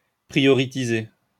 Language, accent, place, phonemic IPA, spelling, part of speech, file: French, France, Lyon, /pʁi.jɔ.ʁi.ti.ze/, prioritiser, verb, LL-Q150 (fra)-prioritiser.wav
- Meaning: alternative form of prioriser